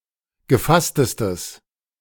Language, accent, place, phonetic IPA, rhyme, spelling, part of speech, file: German, Germany, Berlin, [ɡəˈfastəstəs], -astəstəs, gefasstestes, adjective, De-gefasstestes.ogg
- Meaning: strong/mixed nominative/accusative neuter singular superlative degree of gefasst